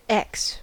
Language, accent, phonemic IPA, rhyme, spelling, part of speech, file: English, US, /ɛks/, -ɛks, ex, noun / verb / adjective, En-us-ex.ogg
- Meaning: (noun) The name of the Latin script letter X/x; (verb) 1. To delete; to cross out 2. To extinguish the life of